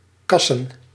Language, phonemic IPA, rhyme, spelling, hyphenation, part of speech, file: Dutch, /ˈkɑsən/, -ɑsən, kassen, kas‧sen, noun, Nl-kassen.ogg
- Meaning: plural of kas